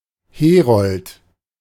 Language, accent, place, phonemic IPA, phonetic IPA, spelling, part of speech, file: German, Germany, Berlin, /ˈheːrɔlt/, [ˈheː.ʁɔlt], Herold, noun, De-Herold.ogg
- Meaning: herald (ruler's messenger)